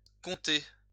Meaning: 1. county 2. riding 3. Comté cheese
- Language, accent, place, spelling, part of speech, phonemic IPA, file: French, France, Lyon, comté, noun, /kɔ̃.te/, LL-Q150 (fra)-comté.wav